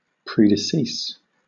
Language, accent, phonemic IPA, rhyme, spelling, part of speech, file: English, Southern England, /ˌpɹiːdəˈsiːs/, -iːs, predecease, noun / verb, LL-Q1860 (eng)-predecease.wav
- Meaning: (noun) The death of one person or thing before another; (verb) To die sooner than